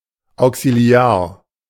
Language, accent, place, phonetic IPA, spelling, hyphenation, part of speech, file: German, Germany, Berlin, [aʊ̯ksiˈli̯aːɐ̯], auxiliar, au‧xi‧li‧ar, adjective, De-auxiliar.ogg
- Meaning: auxiliary